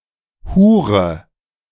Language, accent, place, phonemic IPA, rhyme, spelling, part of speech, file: German, Germany, Berlin, /ˈhuːʁə/, -uːʁə, Hure, noun, De-Hure.ogg
- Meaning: 1. whore (female prostitute) 2. whore; slut (sexually unreserved woman); fornicatrix, fornicator (female)